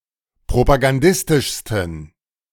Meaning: 1. superlative degree of propagandistisch 2. inflection of propagandistisch: strong genitive masculine/neuter singular superlative degree
- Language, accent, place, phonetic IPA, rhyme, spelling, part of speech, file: German, Germany, Berlin, [pʁopaɡanˈdɪstɪʃstn̩], -ɪstɪʃstn̩, propagandistischsten, adjective, De-propagandistischsten.ogg